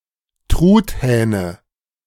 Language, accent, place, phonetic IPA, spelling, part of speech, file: German, Germany, Berlin, [ˈtʁuːtˌhɛːnə], Truthähne, noun, De-Truthähne.ogg
- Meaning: nominative/accusative/genitive plural of Truthahn